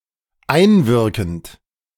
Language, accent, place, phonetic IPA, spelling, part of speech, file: German, Germany, Berlin, [ˈaɪ̯nˌvɪʁkn̩t], einwirkend, verb, De-einwirkend.ogg
- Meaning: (verb) present participle of einwirken; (adjective) acting on